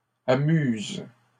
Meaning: second-person singular present indicative/subjunctive of amuser
- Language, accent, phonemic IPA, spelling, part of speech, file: French, Canada, /a.myz/, amuses, verb, LL-Q150 (fra)-amuses.wav